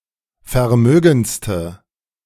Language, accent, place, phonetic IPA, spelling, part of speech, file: German, Germany, Berlin, [fɛɐ̯ˈmøːɡn̩t͡stə], vermögendste, adjective, De-vermögendste.ogg
- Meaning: inflection of vermögend: 1. strong/mixed nominative/accusative feminine singular superlative degree 2. strong nominative/accusative plural superlative degree